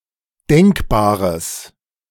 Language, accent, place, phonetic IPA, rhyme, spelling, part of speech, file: German, Germany, Berlin, [ˈdɛŋkbaːʁəs], -ɛŋkbaːʁəs, denkbares, adjective, De-denkbares.ogg
- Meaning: strong/mixed nominative/accusative neuter singular of denkbar